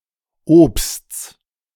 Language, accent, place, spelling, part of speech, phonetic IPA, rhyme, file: German, Germany, Berlin, Obsts, noun, [oːpst͡s], -oːpst͡s, De-Obsts.ogg
- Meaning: genitive singular of Obst